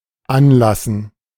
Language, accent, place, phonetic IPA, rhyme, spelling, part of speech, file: German, Germany, Berlin, [ˈanˌlasn̩], -anlasn̩, Anlassen, noun, De-Anlassen.ogg
- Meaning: 1. gerund of anlassen; tempering, annealing 2. starting